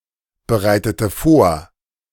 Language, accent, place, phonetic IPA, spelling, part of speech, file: German, Germany, Berlin, [bəˌʁaɪ̯tətə ˈfoːɐ̯], bereitete vor, verb, De-bereitete vor.ogg
- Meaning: inflection of vorbereiten: 1. first/third-person singular preterite 2. first/third-person singular subjunctive II